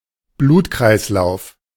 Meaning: 1. bloodstream 2. circulation (of the blood)
- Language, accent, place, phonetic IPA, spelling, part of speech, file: German, Germany, Berlin, [ˈbluːtkʁaɪ̯sˌlaʊ̯f], Blutkreislauf, noun, De-Blutkreislauf.ogg